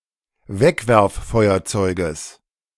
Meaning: genitive singular of Wegwerffeuerzeug
- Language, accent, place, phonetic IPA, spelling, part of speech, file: German, Germany, Berlin, [ˈvɛkvɛʁfˌfɔɪ̯ɐt͡sɔɪ̯ɡəs], Wegwerffeuerzeuges, noun, De-Wegwerffeuerzeuges.ogg